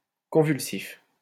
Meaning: convulsive
- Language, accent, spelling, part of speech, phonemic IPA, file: French, France, convulsif, adjective, /kɔ̃.vyl.sif/, LL-Q150 (fra)-convulsif.wav